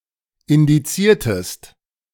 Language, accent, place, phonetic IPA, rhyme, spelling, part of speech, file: German, Germany, Berlin, [ɪndiˈt͡siːɐ̯təst], -iːɐ̯təst, indiziertest, verb, De-indiziertest.ogg
- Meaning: inflection of indizieren: 1. second-person singular preterite 2. second-person singular subjunctive II